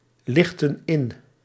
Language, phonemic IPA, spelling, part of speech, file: Dutch, /ˈlɪxtə(n) ˈɪn/, lichtten in, verb, Nl-lichtten in.ogg
- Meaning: inflection of inlichten: 1. plural past indicative 2. plural past subjunctive